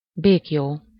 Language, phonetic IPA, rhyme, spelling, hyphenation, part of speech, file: Hungarian, [ˈbeːkjoː], -joː, béklyó, bék‧lyó, noun, Hu-béklyó.ogg
- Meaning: 1. fetter, shackle 2. hobble (short straps tied between the legs of unfenced horses)